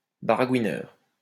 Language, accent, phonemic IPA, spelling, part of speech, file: French, France, /ba.ʁa.ɡwi.nœʁ/, baragouineur, noun, LL-Q150 (fra)-baragouineur.wav
- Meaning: gibberer